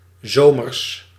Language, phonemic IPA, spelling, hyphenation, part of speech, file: Dutch, /ˈzoː.mərs/, zomers, zo‧mers, adjective / noun, Nl-zomers.ogg
- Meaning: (adjective) 1. summery 2. 25 °C or more; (noun) 1. plural of zomer 2. genitive singular of zomer